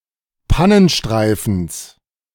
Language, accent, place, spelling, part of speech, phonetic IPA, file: German, Germany, Berlin, Pannenstreifens, noun, [ˈpanənˌʃtʁaɪ̯fn̩s], De-Pannenstreifens.ogg
- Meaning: genitive singular of Pannenstreifen